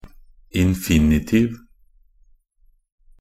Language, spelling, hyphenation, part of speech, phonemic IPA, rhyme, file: Norwegian Bokmål, infinitiv, in‧fi‧ni‧tiv, noun, /ɪnfɪnɪˈtiːʋ/, -iːʋ, Nb-infinitiv.ogg